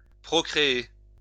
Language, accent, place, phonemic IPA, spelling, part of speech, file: French, France, Lyon, /pʁɔ.kʁe.e/, procréer, verb, LL-Q150 (fra)-procréer.wav
- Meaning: to procreate (produce offspring)